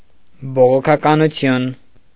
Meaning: Protestantism
- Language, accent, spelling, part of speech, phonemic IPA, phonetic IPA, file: Armenian, Eastern Armenian, բողոքականություն, noun, /boʁokʰɑkɑnuˈtʰjun/, [boʁokʰɑkɑnut͡sʰjún], Hy-բողոքականություն.ogg